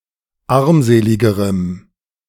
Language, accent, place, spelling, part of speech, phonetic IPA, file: German, Germany, Berlin, armseligerem, adjective, [ˈaʁmˌzeːlɪɡəʁəm], De-armseligerem.ogg
- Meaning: strong dative masculine/neuter singular comparative degree of armselig